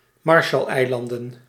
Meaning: Marshall Islands (a country consisting of two archipelagos in Micronesia, in Oceania)
- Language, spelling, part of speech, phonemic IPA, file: Dutch, Marshalleilanden, proper noun, /mɑrʃəlɛɪlɑndən/, Nl-Marshalleilanden.ogg